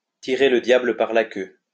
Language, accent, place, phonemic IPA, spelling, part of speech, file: French, France, Lyon, /ti.ʁe lə dja.blə paʁ la kø/, tirer le diable par la queue, verb, LL-Q150 (fra)-tirer le diable par la queue.wav
- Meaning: to scrape by, to live from hand to mouth, to feel the pinch, to have trouble to make ends meet, not to have enough to live